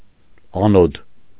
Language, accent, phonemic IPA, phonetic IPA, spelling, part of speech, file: Armenian, Eastern Armenian, /ɑˈnod/, [ɑnód], անոդ, noun, Hy-անոդ.ogg
- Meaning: anode